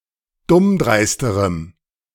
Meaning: strong dative masculine/neuter singular comparative degree of dummdreist
- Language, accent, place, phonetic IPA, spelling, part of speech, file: German, Germany, Berlin, [ˈdʊmˌdʁaɪ̯stəʁəm], dummdreisterem, adjective, De-dummdreisterem.ogg